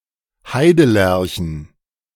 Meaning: plural of Heidelerche
- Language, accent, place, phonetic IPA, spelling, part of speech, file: German, Germany, Berlin, [ˈhaɪ̯dəˌlɛʁçn̩], Heidelerchen, noun, De-Heidelerchen.ogg